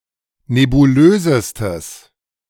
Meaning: strong/mixed nominative/accusative neuter singular superlative degree of nebulös
- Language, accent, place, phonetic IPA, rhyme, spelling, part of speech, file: German, Germany, Berlin, [nebuˈløːzəstəs], -øːzəstəs, nebulösestes, adjective, De-nebulösestes.ogg